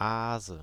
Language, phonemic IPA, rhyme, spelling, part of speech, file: German, /aːzə/, -aːzə, Aase, noun, De-Aase.ogg
- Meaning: nominative/accusative/genitive plural of Aas